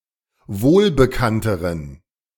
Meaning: inflection of wohlbekannt: 1. strong genitive masculine/neuter singular comparative degree 2. weak/mixed genitive/dative all-gender singular comparative degree
- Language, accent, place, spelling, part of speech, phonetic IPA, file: German, Germany, Berlin, wohlbekannteren, adjective, [ˈvoːlbəˌkantəʁən], De-wohlbekannteren.ogg